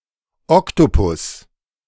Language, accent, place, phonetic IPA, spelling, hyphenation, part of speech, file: German, Germany, Berlin, [ˈɔktopʊs], Oktopus, Ok‧to‧pus, noun, De-Oktopus.ogg
- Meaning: 1. octopus (genus) 2. synonym of Tintenfisch (“any of cuttlefish, octopus, or squid”)